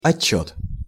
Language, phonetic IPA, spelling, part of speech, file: Russian, [ɐˈt͡ɕːɵt], отчёт, noun, Ru-отчёт.ogg
- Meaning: 1. account, report 2. return